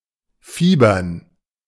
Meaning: 1. to have a high temperature 2. to enthuse, to be excited about something
- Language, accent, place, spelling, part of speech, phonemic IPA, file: German, Germany, Berlin, fiebern, verb, /ˈfiːbɐn/, De-fiebern.ogg